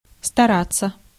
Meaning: 1. to try, to attempt 2. to endeavour/endeavor, to make an effort 3. to pursue 4. to strive
- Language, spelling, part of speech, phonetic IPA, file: Russian, стараться, verb, [stɐˈrat͡sːə], Ru-стараться.ogg